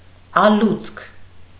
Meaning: deep place, depth
- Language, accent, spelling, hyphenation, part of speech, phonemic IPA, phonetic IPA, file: Armenian, Eastern Armenian, ալուցք, ա‧լուցք, noun, /ɑˈlut͡sʰkʰ/, [ɑlút͡sʰkʰ], Hy-ալուցք.ogg